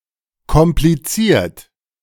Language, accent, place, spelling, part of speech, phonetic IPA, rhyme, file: German, Germany, Berlin, kompliziert, adjective / verb, [kɔmpliˈt͡siːɐ̯t], -iːɐ̯t, De-kompliziert.ogg
- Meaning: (verb) past participle of komplizieren; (adjective) 1. complicated, complex 2. sophisticated